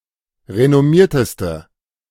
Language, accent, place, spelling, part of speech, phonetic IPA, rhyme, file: German, Germany, Berlin, renommierteste, adjective, [ʁenɔˈmiːɐ̯təstə], -iːɐ̯təstə, De-renommierteste.ogg
- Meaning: inflection of renommiert: 1. strong/mixed nominative/accusative feminine singular superlative degree 2. strong nominative/accusative plural superlative degree